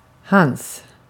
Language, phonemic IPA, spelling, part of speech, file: Swedish, /hans/, hans, pronoun, Sv-hans.ogg
- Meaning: his